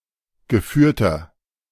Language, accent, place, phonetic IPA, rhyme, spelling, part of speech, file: German, Germany, Berlin, [ɡəˈfyːɐ̯tɐ], -yːɐ̯tɐ, geführter, adjective, De-geführter.ogg
- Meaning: inflection of geführt: 1. strong/mixed nominative masculine singular 2. strong genitive/dative feminine singular 3. strong genitive plural